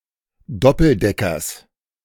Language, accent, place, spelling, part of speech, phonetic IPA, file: German, Germany, Berlin, Doppeldeckers, noun, [ˈdɔpl̩ˌdɛkɐs], De-Doppeldeckers.ogg
- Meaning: genitive singular of Doppeldecker